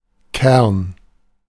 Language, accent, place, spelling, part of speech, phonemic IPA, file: German, Germany, Berlin, Kern, noun, /kɛrn/, De-Kern.ogg
- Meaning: 1. kernel 2. grain 3. core, nucleus 4. nucleus 5. pit, pip, stone (of a fruit)